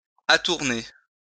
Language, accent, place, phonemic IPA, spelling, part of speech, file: French, France, Lyon, /a.tuʁ.ne/, atourner, verb, LL-Q150 (fra)-atourner.wav
- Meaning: to attire, to dress